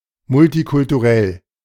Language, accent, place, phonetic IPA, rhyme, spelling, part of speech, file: German, Germany, Berlin, [mʊltikʊltuˈʁɛl], -ɛl, multikulturell, adjective, De-multikulturell.ogg
- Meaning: multicultural